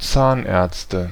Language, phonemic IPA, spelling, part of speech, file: German, /ˈtsaːnʔɛɐ̯tstə/, Zahnärzte, noun, De-Zahnärzte.ogg
- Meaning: nominative/accusative/genitive plural of Zahnarzt